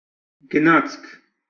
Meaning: 1. train 2. procession, train 3. passage; walk; journey 4. gait, walk, step
- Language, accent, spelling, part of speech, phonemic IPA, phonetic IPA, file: Armenian, Eastern Armenian, գնացք, noun, /ɡəˈnɑt͡sʰkʰ/, [ɡənɑ́t͡sʰkʰ], Hy-EA-գնացք.ogg